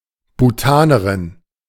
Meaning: Bhutanese woman
- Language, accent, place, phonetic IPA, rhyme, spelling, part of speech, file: German, Germany, Berlin, [buˈtaːnəʁɪn], -aːnəʁɪn, Bhutanerin, noun, De-Bhutanerin.ogg